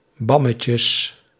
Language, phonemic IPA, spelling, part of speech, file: Dutch, /ˈbɑməcəs/, bammetjes, noun, Nl-bammetjes.ogg
- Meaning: plural of bammetje